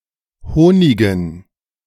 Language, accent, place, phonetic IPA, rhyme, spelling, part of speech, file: German, Germany, Berlin, [ˈhoːnɪɡn̩], -oːnɪɡn̩, Honigen, noun, De-Honigen.ogg
- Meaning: dative plural of Honig